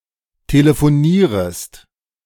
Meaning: second-person singular subjunctive I of telefonieren
- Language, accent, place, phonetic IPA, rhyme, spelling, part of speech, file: German, Germany, Berlin, [teləfoˈniːʁəst], -iːʁəst, telefonierest, verb, De-telefonierest.ogg